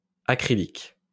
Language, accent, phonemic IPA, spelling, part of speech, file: French, France, /a.kʁi.lik/, acrylique, adjective / noun, LL-Q150 (fra)-acrylique.wav
- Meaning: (adjective) acrylic